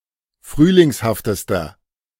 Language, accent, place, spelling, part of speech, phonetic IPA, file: German, Germany, Berlin, frühlingshaftester, adjective, [ˈfʁyːlɪŋshaftəstɐ], De-frühlingshaftester.ogg
- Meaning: inflection of frühlingshaft: 1. strong/mixed nominative masculine singular superlative degree 2. strong genitive/dative feminine singular superlative degree